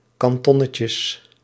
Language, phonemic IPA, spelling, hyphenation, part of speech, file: Dutch, /ˌkɑnˈtɔ.nə.tjəs/, kantonnetjes, kan‧ton‧ne‧tjes, noun, Nl-kantonnetjes.ogg
- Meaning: plural of kantonnetje